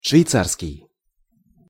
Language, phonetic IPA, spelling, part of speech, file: Russian, [ʂvʲɪjˈt͡sarskʲɪj], швейцарский, adjective, Ru-швейцарский.ogg
- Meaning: Swiss